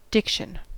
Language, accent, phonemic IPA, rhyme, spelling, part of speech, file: English, US, /ˈdɪk.ʃən/, -ɪkʃən, diction, noun, En-us-diction.ogg
- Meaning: 1. Choice and use of words, especially with regard to effective communication; the effectiveness and degree of clarity of word choice and expression 2. Enunciation, pronunciation, or both